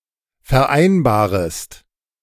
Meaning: second-person singular subjunctive I of vereinbaren
- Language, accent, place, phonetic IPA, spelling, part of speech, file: German, Germany, Berlin, [fɛɐ̯ˈʔaɪ̯nbaːʁəst], vereinbarest, verb, De-vereinbarest.ogg